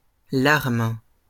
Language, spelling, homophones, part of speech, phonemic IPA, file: French, larmes, larme, noun, /laʁm/, LL-Q150 (fra)-larmes.wav
- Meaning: plural of larme